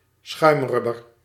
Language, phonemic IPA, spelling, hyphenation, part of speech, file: Dutch, /ˈsxœy̯mˌrʏ.bər/, schuimrubber, schuim‧rub‧ber, noun, Nl-schuimrubber.ogg
- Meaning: foam rubber